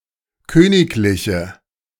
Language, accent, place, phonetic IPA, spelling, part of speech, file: German, Germany, Berlin, [ˈkøːnɪklɪçə], königliche, adjective, De-königliche.ogg
- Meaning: inflection of königlich: 1. strong/mixed nominative/accusative feminine singular 2. strong nominative/accusative plural 3. weak nominative all-gender singular